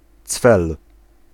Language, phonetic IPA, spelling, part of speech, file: Polish, [t͡sfɛl], cwel, noun / verb, Pl-cwel.ogg